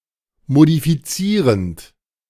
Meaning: present participle of modifizieren
- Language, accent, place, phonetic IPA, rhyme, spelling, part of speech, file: German, Germany, Berlin, [modifiˈt͡siːʁənt], -iːʁənt, modifizierend, verb, De-modifizierend.ogg